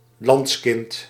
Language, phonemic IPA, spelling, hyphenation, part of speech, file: Dutch, /ˈlɑnts.kɪnt/, landskind, lands‧kind, noun, Nl-landskind.ogg
- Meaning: natively born resident of the former Netherlands Antilles